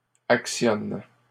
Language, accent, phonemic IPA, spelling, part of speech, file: French, Canada, /ak.sjɔn/, actionnes, verb, LL-Q150 (fra)-actionnes.wav
- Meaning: second-person singular present indicative/subjunctive of actionner